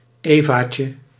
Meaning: diminutive of eva
- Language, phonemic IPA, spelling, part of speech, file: Dutch, /ˈevacə/, evaatje, noun, Nl-evaatje.ogg